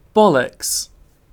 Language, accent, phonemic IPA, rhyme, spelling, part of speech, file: English, UK, /ˈbɒ.ləks/, -ɒləks, bollocks, noun / verb / interjection, En-uk-bollocks.ogg
- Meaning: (noun) 1. The testicles 2. An idiot; an ignorant or disagreeable person 3. Nonsense; rubbish 4. Ellipsis of the dog's bollocks; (verb) 1. To break 2. To fail (a task); to make a mess of